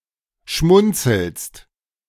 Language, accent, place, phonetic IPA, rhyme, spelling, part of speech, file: German, Germany, Berlin, [ˈʃmʊnt͡sl̩st], -ʊnt͡sl̩st, schmunzelst, verb, De-schmunzelst.ogg
- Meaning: second-person singular present of schmunzeln